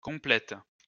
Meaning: second-person singular present indicative/subjunctive of compléter
- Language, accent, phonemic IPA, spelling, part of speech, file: French, France, /kɔ̃.plɛt/, complètes, verb, LL-Q150 (fra)-complètes.wav